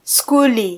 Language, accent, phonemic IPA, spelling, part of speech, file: Swahili, Kenya, /ˈsku.lɛ/, skule, noun, Sw-ke-skule.flac
- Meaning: alternative form of shule